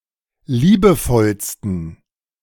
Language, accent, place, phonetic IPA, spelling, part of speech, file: German, Germany, Berlin, [ˈliːbəˌfɔlstn̩], liebevollsten, adjective, De-liebevollsten.ogg
- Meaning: 1. superlative degree of liebevoll 2. inflection of liebevoll: strong genitive masculine/neuter singular superlative degree